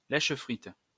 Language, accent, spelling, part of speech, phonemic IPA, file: French, France, lèchefrite, noun, /lɛʃ.fʁit/, LL-Q150 (fra)-lèchefrite.wav
- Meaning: dripping pan